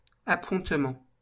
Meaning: 1. landing stage 2. pier, wharf
- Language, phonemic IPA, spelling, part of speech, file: French, /a.pɔ̃t.mɑ̃/, appontement, noun, LL-Q150 (fra)-appontement.wav